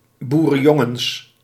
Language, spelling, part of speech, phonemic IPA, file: Dutch, boerenjongens, noun, /burənˈjɔŋəns/, Nl-boerenjongens.ogg
- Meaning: plural of boerenjongen